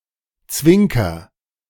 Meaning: inflection of zwinkern: 1. first-person singular present 2. singular imperative
- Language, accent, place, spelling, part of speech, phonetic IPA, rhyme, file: German, Germany, Berlin, zwinker, verb, [ˈt͡svɪŋkɐ], -ɪŋkɐ, De-zwinker.ogg